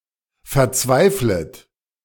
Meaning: second-person plural subjunctive I of verzweifeln
- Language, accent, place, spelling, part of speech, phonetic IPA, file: German, Germany, Berlin, verzweiflet, verb, [fɛɐ̯ˈt͡svaɪ̯flət], De-verzweiflet.ogg